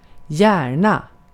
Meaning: 1. gladly, happily, with keenness, (when synonymous with "gladly") willingly/readily 2. often, easily (likely figurative from something "gladly" happening)
- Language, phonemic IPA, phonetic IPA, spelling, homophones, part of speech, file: Swedish, /²jɛːrna/, [²jæːɳä], gärna, hjärna / Järna, adverb, Sv-gärna.ogg